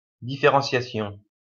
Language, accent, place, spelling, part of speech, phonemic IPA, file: French, France, Lyon, différentiation, noun, /di.fe.ʁɑ̃.sja.sjɔ̃/, LL-Q150 (fra)-différentiation.wav
- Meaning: differentiation